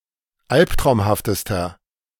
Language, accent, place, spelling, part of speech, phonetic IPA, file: German, Germany, Berlin, alptraumhaftester, adjective, [ˈalptʁaʊ̯mhaftəstɐ], De-alptraumhaftester.ogg
- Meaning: inflection of alptraumhaft: 1. strong/mixed nominative masculine singular superlative degree 2. strong genitive/dative feminine singular superlative degree 3. strong genitive plural superlative degree